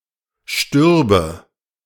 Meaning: first/third-person singular subjunctive II of sterben
- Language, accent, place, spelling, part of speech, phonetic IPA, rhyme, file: German, Germany, Berlin, stürbe, verb, [ˈʃtʏʁbə], -ʏʁbə, De-stürbe.ogg